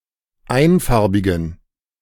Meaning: inflection of einfarbig: 1. strong genitive masculine/neuter singular 2. weak/mixed genitive/dative all-gender singular 3. strong/weak/mixed accusative masculine singular 4. strong dative plural
- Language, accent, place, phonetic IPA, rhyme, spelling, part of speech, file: German, Germany, Berlin, [ˈaɪ̯nˌfaʁbɪɡn̩], -aɪ̯nfaʁbɪɡn̩, einfarbigen, adjective, De-einfarbigen.ogg